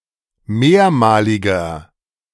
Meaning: inflection of mehrmalig: 1. strong/mixed nominative masculine singular 2. strong genitive/dative feminine singular 3. strong genitive plural
- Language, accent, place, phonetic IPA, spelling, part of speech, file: German, Germany, Berlin, [ˈmeːɐ̯maːlɪɡɐ], mehrmaliger, adjective, De-mehrmaliger.ogg